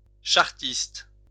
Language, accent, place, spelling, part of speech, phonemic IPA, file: French, France, Lyon, chartiste, noun / adjective, /ʃaʁ.tist/, LL-Q150 (fra)-chartiste.wav
- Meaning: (noun) 1. a person who studies old charters 2. a student or an alumnus of École Nationale des Chartes 3. a chartist 4. a Chartist; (adjective) Chartist